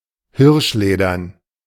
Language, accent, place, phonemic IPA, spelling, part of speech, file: German, Germany, Berlin, /ˈhɪʁʃˌleːdɐn/, hirschledern, adjective, De-hirschledern.ogg
- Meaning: deerskin